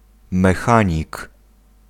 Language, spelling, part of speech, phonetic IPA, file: Polish, mechanik, noun, [mɛˈxãɲik], Pl-mechanik.ogg